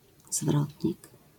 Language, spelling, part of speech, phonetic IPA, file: Polish, zwrotnik, noun, [ˈzvrɔtʲɲik], LL-Q809 (pol)-zwrotnik.wav